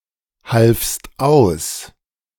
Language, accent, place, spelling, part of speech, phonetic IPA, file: German, Germany, Berlin, halfst aus, verb, [ˌhalfst ˈaʊ̯s], De-halfst aus.ogg
- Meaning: second-person singular preterite of aushelfen